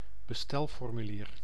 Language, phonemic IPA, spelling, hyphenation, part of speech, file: Dutch, /bəˈstɛl.fɔr.myˌliːr/, bestelformulier, be‧stel‧for‧mu‧lier, noun, Nl-bestelformulier.ogg
- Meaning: an order form, an ordering form